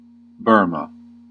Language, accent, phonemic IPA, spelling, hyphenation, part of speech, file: English, US, /ˈbɝmə/, Burma, Bur‧ma, proper noun, En-us-Burma.ogg
- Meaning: A country in Southeast Asia. Official name: Republic of the Union of Myanmar. Capital: Naypyidaw. Officially known as Myanmar